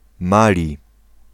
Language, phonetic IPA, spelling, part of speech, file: Polish, [ˈmalʲi], Mali, proper noun, Pl-Mali.ogg